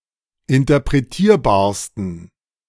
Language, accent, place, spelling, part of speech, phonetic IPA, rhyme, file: German, Germany, Berlin, interpretierbarsten, adjective, [ɪntɐpʁeˈtiːɐ̯baːɐ̯stn̩], -iːɐ̯baːɐ̯stn̩, De-interpretierbarsten.ogg
- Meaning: 1. superlative degree of interpretierbar 2. inflection of interpretierbar: strong genitive masculine/neuter singular superlative degree